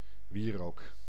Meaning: incense
- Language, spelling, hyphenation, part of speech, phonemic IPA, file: Dutch, wierook, wie‧rook, noun, /ˈʋiː.roːk/, Nl-wierook.ogg